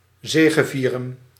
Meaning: to triumph
- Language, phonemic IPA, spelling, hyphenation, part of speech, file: Dutch, /ˈzeːɣəˌvirə(n)/, zegevieren, ze‧ge‧vie‧ren, verb, Nl-zegevieren.ogg